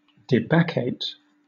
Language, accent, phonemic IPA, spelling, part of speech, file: English, Southern England, /dɪˈbækeɪt/, debacchate, verb, LL-Q1860 (eng)-debacchate.wav
- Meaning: To rant as if drunk